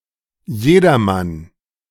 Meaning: everyone
- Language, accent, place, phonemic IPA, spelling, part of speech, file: German, Germany, Berlin, /ˈjeːdɐman/, jedermann, pronoun, De-jedermann.ogg